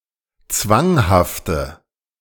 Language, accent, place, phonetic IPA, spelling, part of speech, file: German, Germany, Berlin, [ˈt͡svaŋhaftə], zwanghafte, adjective, De-zwanghafte.ogg
- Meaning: inflection of zwanghaft: 1. strong/mixed nominative/accusative feminine singular 2. strong nominative/accusative plural 3. weak nominative all-gender singular